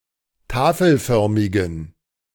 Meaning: inflection of tafelförmig: 1. strong genitive masculine/neuter singular 2. weak/mixed genitive/dative all-gender singular 3. strong/weak/mixed accusative masculine singular 4. strong dative plural
- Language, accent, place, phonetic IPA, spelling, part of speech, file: German, Germany, Berlin, [ˈtaːfl̩ˌfœʁmɪɡn̩], tafelförmigen, adjective, De-tafelförmigen.ogg